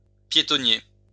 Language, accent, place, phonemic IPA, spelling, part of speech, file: French, France, Lyon, /pje.tɔ.nje/, piétonnier, adjective / noun, LL-Q150 (fra)-piétonnier.wav
- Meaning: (adjective) pedestrianized, pedestrianised; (noun) pedestrian precinct, pedestrian zone, pedestrian area